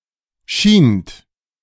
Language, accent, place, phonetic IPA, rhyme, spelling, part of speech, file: German, Germany, Berlin, [ʃiːnt], -iːnt, schient, verb, De-schient.ogg
- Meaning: second-person plural preterite of scheinen